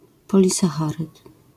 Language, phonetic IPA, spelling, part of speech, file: Polish, [ˌpɔlʲisaˈxarɨt], polisacharyd, noun, LL-Q809 (pol)-polisacharyd.wav